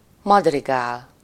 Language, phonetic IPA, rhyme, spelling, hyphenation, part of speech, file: Hungarian, [ˈmɒdriɡaːl], -aːl, madrigál, mad‧ri‧gál, noun, Hu-madrigál.ogg
- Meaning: madrigal